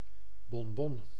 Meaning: a praline, a small chocolate-covered candy/sweet
- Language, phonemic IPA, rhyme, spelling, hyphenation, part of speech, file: Dutch, /bɔnˈbɔn/, -ɔn, bonbon, bon‧bon, noun, Nl-bonbon.ogg